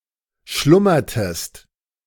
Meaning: inflection of schlummern: 1. second-person singular preterite 2. second-person singular subjunctive II
- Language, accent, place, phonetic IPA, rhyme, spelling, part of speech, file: German, Germany, Berlin, [ˈʃlʊmɐtəst], -ʊmɐtəst, schlummertest, verb, De-schlummertest.ogg